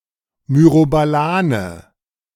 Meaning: 1. myrobalan, any of the three myrobalans and further the whole genus Terminalia and any tree of any species in it 2. cherry plum (Prunus cerasifera)
- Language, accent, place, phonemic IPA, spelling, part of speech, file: German, Germany, Berlin, /ˌmyrobaˈlaːnə/, Myrobalane, noun, De-Myrobalane.ogg